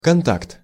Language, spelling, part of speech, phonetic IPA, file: Russian, контакт, noun, [kɐnˈtakt], Ru-контакт.ogg
- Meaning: contact